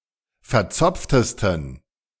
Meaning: 1. superlative degree of verzopft 2. inflection of verzopft: strong genitive masculine/neuter singular superlative degree
- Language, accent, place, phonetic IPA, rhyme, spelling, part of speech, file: German, Germany, Berlin, [fɛɐ̯ˈt͡sɔp͡ftəstn̩], -ɔp͡ftəstn̩, verzopftesten, adjective, De-verzopftesten.ogg